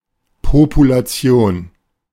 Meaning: population (collection of organisms)
- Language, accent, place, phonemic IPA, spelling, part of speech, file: German, Germany, Berlin, /populaˈt͡si̯oːn/, Population, noun, De-Population.ogg